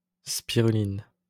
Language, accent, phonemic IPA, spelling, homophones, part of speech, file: French, France, /spi.ʁy.lin/, spiruline, spirulines, noun, LL-Q150 (fra)-spiruline.wav
- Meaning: spirulina